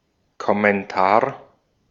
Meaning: 1. comment 2. commentary
- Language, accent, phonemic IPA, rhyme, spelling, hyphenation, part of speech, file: German, Austria, /kɔmɛnˈtaːɐ̯/, -aːɐ̯, Kommentar, Kom‧men‧tar, noun, De-at-Kommentar.ogg